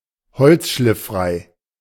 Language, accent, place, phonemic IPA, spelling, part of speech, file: German, Germany, Berlin, /ˈhɔlt͡sʃlɪfˌfʁaɪ̯/, holzschlifffrei, adjective, De-holzschlifffrei.ogg
- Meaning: free of wood pulp